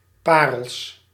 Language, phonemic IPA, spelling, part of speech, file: Dutch, /ˈparəls/, parels, noun, Nl-parels.ogg
- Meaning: plural of parel